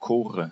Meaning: dative singular of Chor
- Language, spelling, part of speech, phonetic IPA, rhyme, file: German, Chore, noun, [ˈkoːʁə], -oːʁə, De-Chore.ogg